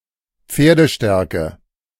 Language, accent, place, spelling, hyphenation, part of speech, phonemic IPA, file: German, Germany, Berlin, Pferdestärke, Pfer‧de‧stär‧ke, noun, /ˈpfeːɐ̯dəˌʃteːɐ̯kə/, De-Pferdestärke.ogg
- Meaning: horsepower (metric, approximately equal to 735.5 watts)